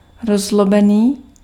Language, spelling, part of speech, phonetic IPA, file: Czech, rozzlobený, adjective, [ˈrozlobɛniː], Cs-rozzlobený.ogg
- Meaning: angry (displaying anger)